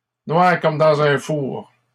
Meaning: dark to the point where one can't see, pitch-dark
- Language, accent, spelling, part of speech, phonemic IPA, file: French, Canada, noir comme dans un four, adjective, /nwaʁ kɔm dɑ̃.z‿œ̃ fuʁ/, LL-Q150 (fra)-noir comme dans un four.wav